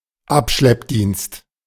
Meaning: breakdown service
- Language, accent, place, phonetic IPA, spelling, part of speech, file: German, Germany, Berlin, [ˈapʃlɛpˌdiːnst], Abschleppdienst, noun, De-Abschleppdienst.ogg